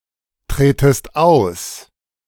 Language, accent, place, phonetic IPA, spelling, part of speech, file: German, Germany, Berlin, [ˌtʁeːtəst ˈaʊ̯s], tretest aus, verb, De-tretest aus.ogg
- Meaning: second-person singular subjunctive I of austreten